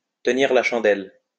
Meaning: to be the third wheel, to play gooseberry
- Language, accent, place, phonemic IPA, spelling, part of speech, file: French, France, Lyon, /tə.niʁ la ʃɑ̃.dɛl/, tenir la chandelle, verb, LL-Q150 (fra)-tenir la chandelle.wav